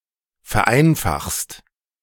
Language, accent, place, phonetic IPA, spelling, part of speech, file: German, Germany, Berlin, [fɛɐ̯ˈʔaɪ̯nfaxst], vereinfachst, verb, De-vereinfachst.ogg
- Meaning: second-person singular present of vereinfachen